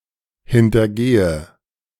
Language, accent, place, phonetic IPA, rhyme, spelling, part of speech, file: German, Germany, Berlin, [hɪntɐˈɡeːə], -eːə, hintergehe, verb, De-hintergehe.ogg
- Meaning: inflection of hintergehen: 1. first-person singular present 2. first/third-person singular subjunctive I 3. singular imperative